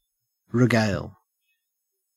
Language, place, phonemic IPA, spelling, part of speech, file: English, Queensland, /ɹɪˈɡæɪl/, regale, noun / verb, En-au-regale.ogg
- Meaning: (noun) 1. A feast, a meal 2. a choice article of food or drink 3. refreshment; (verb) To please or entertain (someone), especially with stories, tales or jokes